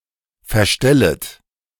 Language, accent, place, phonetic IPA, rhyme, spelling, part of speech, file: German, Germany, Berlin, [fɛɐ̯ˈʃtɛlət], -ɛlət, verstellet, verb, De-verstellet.ogg
- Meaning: second-person plural subjunctive I of verstellen